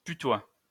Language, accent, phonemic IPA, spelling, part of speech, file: French, France, /py.twa/, putois, noun, LL-Q150 (fra)-putois.wav
- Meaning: polecat (especially, the European polecat, Mustela putorius)